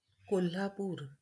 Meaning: Kolhapur, Colapore (a city in Maharashtra, India)
- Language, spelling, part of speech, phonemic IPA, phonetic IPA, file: Marathi, कोल्हापूर, proper noun, /ko.lʱa.puɾ/, [ko.lʱa.puːɾ], LL-Q1571 (mar)-कोल्हापूर.wav